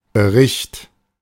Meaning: report, account, news story
- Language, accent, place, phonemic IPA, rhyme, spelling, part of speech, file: German, Germany, Berlin, /bəˈʁɪçt/, -ɪçt, Bericht, noun, De-Bericht.ogg